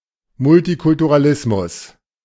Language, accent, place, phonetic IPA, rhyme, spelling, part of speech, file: German, Germany, Berlin, [mʊltikʊltuʁaˈlɪsmʊs], -ɪsmʊs, Multikulturalismus, noun, De-Multikulturalismus.ogg
- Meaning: multiculturalism